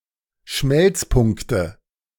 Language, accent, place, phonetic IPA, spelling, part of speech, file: German, Germany, Berlin, [ˈʃmɛlt͡sˌpʊŋktə], Schmelzpunkte, noun, De-Schmelzpunkte.ogg
- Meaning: nominative/accusative/genitive plural of Schmelzpunkt